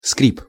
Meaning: squeak, creak, crunch
- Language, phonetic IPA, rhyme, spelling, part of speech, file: Russian, [skrʲip], -ip, скрип, noun, Ru-скрип.ogg